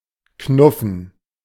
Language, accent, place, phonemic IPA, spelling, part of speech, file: German, Germany, Berlin, /ˈknʊfən/, knuffen, verb, De-knuffen.ogg
- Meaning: to nudge; to jab; to pinch (usually playfully or even tenderly)